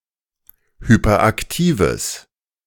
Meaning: strong/mixed nominative/accusative neuter singular of hyperaktiv
- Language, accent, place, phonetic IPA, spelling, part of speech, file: German, Germany, Berlin, [ˌhypɐˈʔaktiːvəs], hyperaktives, adjective, De-hyperaktives.ogg